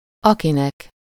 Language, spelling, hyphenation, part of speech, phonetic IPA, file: Hungarian, akinek, aki‧nek, pronoun, [ˈɒkinɛk], Hu-akinek.ogg
- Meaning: dative singular of aki